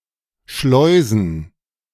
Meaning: 1. to bring something through a sluice 2. to smuggle
- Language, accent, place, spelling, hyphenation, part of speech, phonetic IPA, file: German, Germany, Berlin, schleusen, schleu‧sen, verb, [ˈʃlɔɪ̯zn̩], De-schleusen.ogg